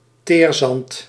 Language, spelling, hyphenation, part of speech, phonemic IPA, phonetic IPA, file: Dutch, teerzand, teer‧zand, noun, /ˈteːr.zɑnt/, [ˈtɪːr.zɑnt], Nl-teerzand.ogg
- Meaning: tar sand, oil sand